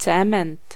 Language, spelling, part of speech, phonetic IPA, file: Polish, cement, noun, [ˈt͡sɛ̃mɛ̃nt], Pl-cement.ogg